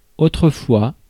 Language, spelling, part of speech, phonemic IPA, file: French, autrefois, adverb, /o.tʁə.fwa/, Fr-autrefois.ogg
- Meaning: previously; formerly (at a past time), erstwhile